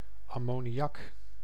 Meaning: ammonia (compound in gaseous form)
- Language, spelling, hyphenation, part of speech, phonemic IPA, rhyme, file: Dutch, ammoniak, am‧mo‧ni‧ak, noun, /ɑ.moː.niˈɑk/, -ɑk, Nl-ammoniak.ogg